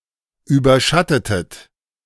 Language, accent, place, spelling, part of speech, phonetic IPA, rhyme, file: German, Germany, Berlin, überschattetet, verb, [ˌyːbɐˈʃatətət], -atətət, De-überschattetet.ogg
- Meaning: inflection of überschatten: 1. second-person plural preterite 2. second-person plural subjunctive II